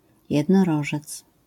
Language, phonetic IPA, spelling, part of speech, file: Polish, [ˌjɛdnɔˈrɔʒɛt͡s], jednorożec, noun, LL-Q809 (pol)-jednorożec.wav